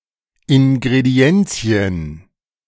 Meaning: plural of Ingrediens
- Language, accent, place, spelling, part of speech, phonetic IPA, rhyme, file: German, Germany, Berlin, Ingredienzien, noun, [ˌɪnɡʁeˈdi̯ɛnt͡si̯ən], -ɛnt͡si̯ən, De-Ingredienzien.ogg